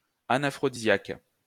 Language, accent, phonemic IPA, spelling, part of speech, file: French, France, /a.na.fʁɔ.di.zjak/, anaphrodisiaque, adjective / noun, LL-Q150 (fra)-anaphrodisiaque.wav
- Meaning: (adjective) anaphrodisiac